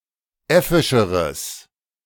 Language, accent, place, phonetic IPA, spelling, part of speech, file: German, Germany, Berlin, [ˈɛfɪʃəʁəs], äffischeres, adjective, De-äffischeres.ogg
- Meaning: strong/mixed nominative/accusative neuter singular comparative degree of äffisch